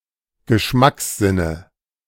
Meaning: nominative/accusative/genitive plural of Geschmackssinn
- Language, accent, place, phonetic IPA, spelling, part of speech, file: German, Germany, Berlin, [ɡəˈʃmaksˌzɪnə], Geschmackssinne, noun, De-Geschmackssinne.ogg